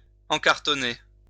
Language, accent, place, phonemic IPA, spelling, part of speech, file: French, France, Lyon, /ɑ̃.kaʁ.tɔ.ne/, encartonner, verb, LL-Q150 (fra)-encartonner.wav
- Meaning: to put into cartons